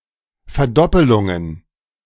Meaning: plural of Verdoppelung
- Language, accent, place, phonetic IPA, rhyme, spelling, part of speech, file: German, Germany, Berlin, [fɛɐ̯ˈdɔpəlʊŋən], -ɔpəlʊŋən, Verdoppelungen, noun, De-Verdoppelungen.ogg